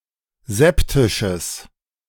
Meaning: strong/mixed nominative/accusative neuter singular of septisch
- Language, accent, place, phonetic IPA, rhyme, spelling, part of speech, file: German, Germany, Berlin, [ˈzɛptɪʃəs], -ɛptɪʃəs, septisches, adjective, De-septisches.ogg